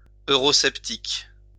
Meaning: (adjective) Eurosceptic
- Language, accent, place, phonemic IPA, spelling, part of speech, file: French, France, Lyon, /ø.ʁɔ.sɛp.tik/, eurosceptique, adjective / noun, LL-Q150 (fra)-eurosceptique.wav